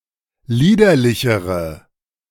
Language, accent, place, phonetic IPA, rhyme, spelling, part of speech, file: German, Germany, Berlin, [ˈliːdɐlɪçəʁə], -iːdɐlɪçəʁə, liederlichere, adjective, De-liederlichere.ogg
- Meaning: inflection of liederlich: 1. strong/mixed nominative/accusative feminine singular comparative degree 2. strong nominative/accusative plural comparative degree